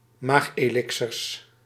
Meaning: plural of maagelixer
- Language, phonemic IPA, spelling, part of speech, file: Dutch, /ˈmaxelɪksərs/, maagelixers, noun, Nl-maagelixers.ogg